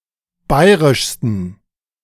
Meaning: 1. superlative degree of bayrisch 2. inflection of bayrisch: strong genitive masculine/neuter singular superlative degree
- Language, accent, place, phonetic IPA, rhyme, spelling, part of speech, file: German, Germany, Berlin, [ˈbaɪ̯ʁɪʃstn̩], -aɪ̯ʁɪʃstn̩, bayrischsten, adjective, De-bayrischsten.ogg